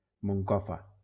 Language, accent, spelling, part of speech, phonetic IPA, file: Catalan, Valencia, Moncofa, proper noun, [moŋˈkɔ.fa], LL-Q7026 (cat)-Moncofa.wav
- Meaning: town of the Community of Valencia (Spain)